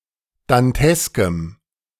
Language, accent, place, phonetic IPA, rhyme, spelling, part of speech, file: German, Germany, Berlin, [danˈtɛskəm], -ɛskəm, danteskem, adjective, De-danteskem.ogg
- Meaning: strong dative masculine/neuter singular of dantesk